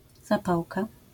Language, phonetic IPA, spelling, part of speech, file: Polish, [zaˈpawka], zapałka, noun, LL-Q809 (pol)-zapałka.wav